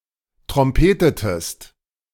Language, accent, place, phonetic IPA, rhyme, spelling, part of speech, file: German, Germany, Berlin, [tʁɔmˈpeːtətəst], -eːtətəst, trompetetest, verb, De-trompetetest.ogg
- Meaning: inflection of trompeten: 1. second-person singular preterite 2. second-person singular subjunctive II